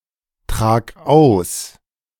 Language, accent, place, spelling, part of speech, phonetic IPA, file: German, Germany, Berlin, trag aus, verb, [ˌtʁaːk ˈaʊ̯s], De-trag aus.ogg
- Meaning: singular imperative of austragen